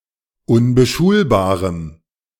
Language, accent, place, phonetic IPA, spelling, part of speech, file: German, Germany, Berlin, [ʊnbəˈʃuːlbaːʁəm], unbeschulbarem, adjective, De-unbeschulbarem.ogg
- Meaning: strong dative masculine/neuter singular of unbeschulbar